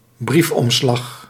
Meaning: an envelope, fit to post a letter in
- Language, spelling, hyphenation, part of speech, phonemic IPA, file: Dutch, briefomslag, brief‧om‧slag, noun, /ˈbrifˌɔm.slɑx/, Nl-briefomslag.ogg